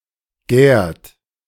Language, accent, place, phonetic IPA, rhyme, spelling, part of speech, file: German, Germany, Berlin, [ɡɛːɐ̯t], -ɛːɐ̯t, gärt, verb, De-gärt.ogg
- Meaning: inflection of gären: 1. third-person singular present 2. second-person plural present 3. plural imperative